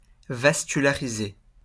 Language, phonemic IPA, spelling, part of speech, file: French, /vas.ky.la.ʁi.ze/, vasculariser, verb, LL-Q150 (fra)-vasculariser.wav
- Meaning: to vascularize